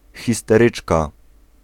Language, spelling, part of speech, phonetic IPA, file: Polish, histeryczka, noun, [ˌxʲistɛˈrɨt͡ʃka], Pl-histeryczka.ogg